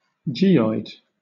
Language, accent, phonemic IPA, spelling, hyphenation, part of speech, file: English, Southern England, /ˈdʒiːɔɪd/, geoid, ge‧oid, noun, LL-Q1860 (eng)-geoid.wav